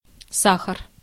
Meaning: sugar
- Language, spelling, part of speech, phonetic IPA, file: Russian, сахар, noun, [ˈsaxər], Ru-сахар.ogg